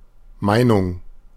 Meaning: opinion
- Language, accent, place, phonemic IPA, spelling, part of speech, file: German, Germany, Berlin, /ˈmaɪ̯nʊŋ/, Meinung, noun, De-Meinung.ogg